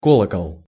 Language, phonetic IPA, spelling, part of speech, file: Russian, [ˈkoɫəkəɫ], колокол, noun, Ru-колокол.ogg
- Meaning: 1. bell 2. bell-shaped curve (line in a graph that smoothly rises then falls)